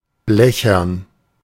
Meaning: tinny, metallic- or hollow-sounding
- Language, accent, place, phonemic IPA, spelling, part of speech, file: German, Germany, Berlin, /ˈblɛçɐn/, blechern, adjective, De-blechern.ogg